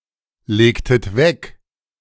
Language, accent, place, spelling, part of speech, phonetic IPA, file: German, Germany, Berlin, legtet weg, verb, [ˌleːktət ˈvɛk], De-legtet weg.ogg
- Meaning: inflection of weglegen: 1. second-person plural preterite 2. second-person plural subjunctive II